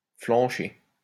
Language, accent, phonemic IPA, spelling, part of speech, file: French, France, /flɑ̃.ʃe/, flancher, verb, LL-Q150 (fra)-flancher.wav
- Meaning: to drop out; pussy out; wuss out; chicken out; back down